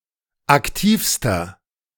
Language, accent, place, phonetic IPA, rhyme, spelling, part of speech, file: German, Germany, Berlin, [akˈtiːfstɐ], -iːfstɐ, aktivster, adjective, De-aktivster.ogg
- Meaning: inflection of aktiv: 1. strong/mixed nominative masculine singular superlative degree 2. strong genitive/dative feminine singular superlative degree 3. strong genitive plural superlative degree